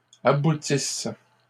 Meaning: inflection of aboutir: 1. third-person plural present indicative/subjunctive 2. third-person plural imperfect subjunctive
- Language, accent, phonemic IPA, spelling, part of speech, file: French, Canada, /a.bu.tis/, aboutissent, verb, LL-Q150 (fra)-aboutissent.wav